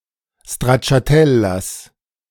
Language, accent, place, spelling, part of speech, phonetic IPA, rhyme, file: German, Germany, Berlin, Stracciatellas, noun, [stʁatʃaˈtɛlas], -ɛlas, De-Stracciatellas.ogg
- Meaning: genitive singular of Stracciatella